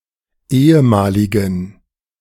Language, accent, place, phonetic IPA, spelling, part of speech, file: German, Germany, Berlin, [ˈeːəˌmaːlɪɡn̩], ehemaligen, adjective, De-ehemaligen.ogg
- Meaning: inflection of ehemalig: 1. strong genitive masculine/neuter singular 2. weak/mixed genitive/dative all-gender singular 3. strong/weak/mixed accusative masculine singular 4. strong dative plural